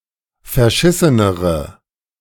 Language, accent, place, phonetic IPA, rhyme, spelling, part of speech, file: German, Germany, Berlin, [fɛɐ̯ˈʃɪsənəʁə], -ɪsənəʁə, verschissenere, adjective, De-verschissenere.ogg
- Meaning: inflection of verschissen: 1. strong/mixed nominative/accusative feminine singular comparative degree 2. strong nominative/accusative plural comparative degree